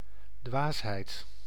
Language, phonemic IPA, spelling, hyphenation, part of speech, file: Dutch, /ˈdʋaːs.ɦɛi̯t/, dwaasheid, dwaas‧heid, noun, Nl-dwaasheid.ogg
- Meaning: stupidity, foolishness